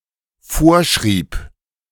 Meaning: first/third-person singular dependent preterite of vorschreiben
- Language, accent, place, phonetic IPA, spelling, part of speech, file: German, Germany, Berlin, [ˈfoːɐ̯ˌʃʁiːp], vorschrieb, verb, De-vorschrieb.ogg